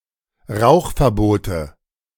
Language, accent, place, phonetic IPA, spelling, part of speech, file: German, Germany, Berlin, [ˈʁaʊ̯xfɛɐ̯ˌboːtə], Rauchverbote, noun, De-Rauchverbote.ogg
- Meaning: nominative/accusative/genitive plural of Rauchverbot